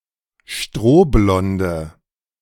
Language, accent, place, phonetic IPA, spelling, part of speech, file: German, Germany, Berlin, [ˈʃtʁoːˌblɔndə], strohblonde, adjective, De-strohblonde.ogg
- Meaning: inflection of strohblond: 1. strong/mixed nominative/accusative feminine singular 2. strong nominative/accusative plural 3. weak nominative all-gender singular